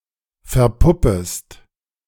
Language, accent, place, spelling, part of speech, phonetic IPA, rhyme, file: German, Germany, Berlin, verpuppest, verb, [fɛɐ̯ˈpʊpəst], -ʊpəst, De-verpuppest.ogg
- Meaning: second-person singular subjunctive I of verpuppen